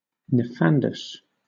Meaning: Unspeakable, appalling
- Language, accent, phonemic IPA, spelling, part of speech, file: English, Southern England, /nɪˈfandəs/, nefandous, adjective, LL-Q1860 (eng)-nefandous.wav